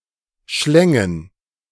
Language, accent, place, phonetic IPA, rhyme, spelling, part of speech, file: German, Germany, Berlin, [ˈʃlɛŋən], -ɛŋən, schlängen, verb, De-schlängen.ogg
- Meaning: first/third-person plural subjunctive II of schlingen